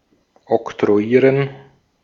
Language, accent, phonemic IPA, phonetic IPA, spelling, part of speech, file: German, Austria, /ɔktʁo̯aˈjiːʁən/, [ʔɔktʁo̯aˈjiːɐ̯n], oktroyieren, verb, De-at-oktroyieren.ogg
- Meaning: to impose